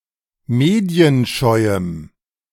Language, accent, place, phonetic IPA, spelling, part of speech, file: German, Germany, Berlin, [ˈmeːdi̯ənˌʃɔɪ̯əm], medienscheuem, adjective, De-medienscheuem.ogg
- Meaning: strong dative masculine/neuter singular of medienscheu